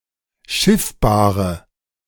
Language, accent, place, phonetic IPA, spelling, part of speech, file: German, Germany, Berlin, [ˈʃɪfbaːʁə], schiffbare, adjective, De-schiffbare.ogg
- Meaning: inflection of schiffbar: 1. strong/mixed nominative/accusative feminine singular 2. strong nominative/accusative plural 3. weak nominative all-gender singular